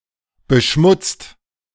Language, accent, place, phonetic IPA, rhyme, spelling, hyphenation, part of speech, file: German, Germany, Berlin, [ˌbəˈʃmʊt͡st], -ʊt͡st, beschmutzt, be‧schmutzt, verb, De-beschmutzt.ogg
- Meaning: 1. past participle of beschmutzen 2. inflection of beschmutzen: second/third-person singular present active 3. inflection of beschmutzen: second-person plural present active